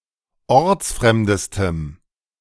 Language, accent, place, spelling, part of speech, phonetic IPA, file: German, Germany, Berlin, ortsfremdestem, adjective, [ˈɔʁt͡sˌfʁɛmdəstəm], De-ortsfremdestem.ogg
- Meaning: strong dative masculine/neuter singular superlative degree of ortsfremd